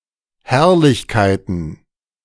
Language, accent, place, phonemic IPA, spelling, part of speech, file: German, Germany, Berlin, /ˈhɛʁlɪçkaɪ̯tən/, Herrlichkeiten, noun, De-Herrlichkeiten.ogg
- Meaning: plural of Herrlichkeit